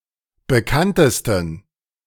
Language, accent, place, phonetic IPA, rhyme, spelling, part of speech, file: German, Germany, Berlin, [bəˈkantəstn̩], -antəstn̩, bekanntesten, adjective, De-bekanntesten.ogg
- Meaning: 1. superlative degree of bekannt 2. inflection of bekannt: strong genitive masculine/neuter singular superlative degree